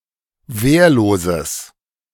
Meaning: strong/mixed nominative/accusative neuter singular of wehrlos
- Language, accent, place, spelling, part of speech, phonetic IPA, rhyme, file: German, Germany, Berlin, wehrloses, adjective, [ˈveːɐ̯loːzəs], -eːɐ̯loːzəs, De-wehrloses.ogg